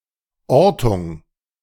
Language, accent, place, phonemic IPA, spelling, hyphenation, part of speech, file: German, Germany, Berlin, /ˈɔʁtʊŋ/, Ortung, Or‧tung, noun, De-Ortung.ogg
- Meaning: locating